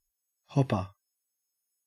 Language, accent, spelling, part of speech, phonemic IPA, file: English, Australia, hopper, noun, /ˈhɔp.ə/, En-au-hopper.ogg
- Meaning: 1. One who or that which hops 2. A temporary storage bin, filled from the top and emptied from the bottom, often funnel-shaped